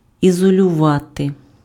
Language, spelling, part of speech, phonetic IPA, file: Ukrainian, ізолювати, verb, [izɔlʲʊˈʋate], Uk-ізолювати.ogg
- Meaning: 1. to isolate 2. to insulate